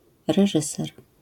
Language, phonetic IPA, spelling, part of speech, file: Polish, [rɛˈʒɨsɛr], reżyser, noun, LL-Q809 (pol)-reżyser.wav